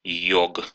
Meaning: 1. yogi 2. genitive plural of йо́га (jóga)
- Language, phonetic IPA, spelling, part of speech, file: Russian, [ˈjɵk], йог, noun, Ru-йог.ogg